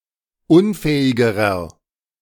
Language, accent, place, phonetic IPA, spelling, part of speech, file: German, Germany, Berlin, [ˈʊnˌfɛːɪɡəʁɐ], unfähigerer, adjective, De-unfähigerer.ogg
- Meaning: inflection of unfähig: 1. strong/mixed nominative masculine singular comparative degree 2. strong genitive/dative feminine singular comparative degree 3. strong genitive plural comparative degree